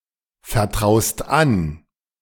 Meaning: second-person singular present of anvertrauen
- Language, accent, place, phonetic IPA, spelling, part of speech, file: German, Germany, Berlin, [fɛɐ̯ˌtʁaʊ̯st ˈan], vertraust an, verb, De-vertraust an.ogg